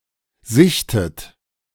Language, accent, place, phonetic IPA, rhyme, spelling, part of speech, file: German, Germany, Berlin, [ˈzɪçtət], -ɪçtət, sichtet, verb, De-sichtet.ogg
- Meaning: inflection of sichten: 1. third-person singular present 2. second-person plural present 3. second-person plural subjunctive I 4. plural imperative